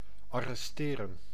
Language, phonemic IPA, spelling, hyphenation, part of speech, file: Dutch, /ɑrɛsˈteːrə(n)/, arresteren, ar‧res‧te‧ren, verb, Nl-arresteren.ogg
- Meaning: to arrest